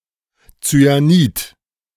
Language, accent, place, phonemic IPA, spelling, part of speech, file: German, Germany, Berlin, /t͡sy̆aˈniːt/, Zyanid, noun, De-Zyanid.ogg
- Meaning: cyanide